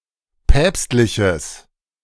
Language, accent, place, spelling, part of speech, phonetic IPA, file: German, Germany, Berlin, päpstliches, adjective, [ˈpɛːpstlɪçəs], De-päpstliches.ogg
- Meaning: strong/mixed nominative/accusative neuter singular of päpstlich